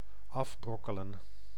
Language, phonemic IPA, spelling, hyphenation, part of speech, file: Dutch, /ˈɑfˌbrɔkələ(n)/, afbrokkelen, af‧brok‧ke‧len, verb, Nl-afbrokkelen.ogg
- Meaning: to crumble apart